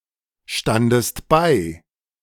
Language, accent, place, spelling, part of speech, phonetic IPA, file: German, Germany, Berlin, standest bei, verb, [ˌʃtandəst ˈbaɪ̯], De-standest bei.ogg
- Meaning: second-person singular preterite of beistehen